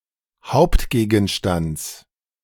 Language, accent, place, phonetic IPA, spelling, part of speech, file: German, Germany, Berlin, [ˈhaʊ̯ptɡeːɡn̩ˌʃtant͡s], Hauptgegenstands, noun, De-Hauptgegenstands.ogg
- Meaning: genitive singular of Hauptgegenstand